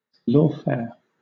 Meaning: The bringing of legal proceedings against an opponent, often only to attack, harass, or intimidate
- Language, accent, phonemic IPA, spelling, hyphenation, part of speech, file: English, Southern England, /ˈlɔːfɛə(ɹ)/, lawfare, law‧fare, noun, LL-Q1860 (eng)-lawfare.wav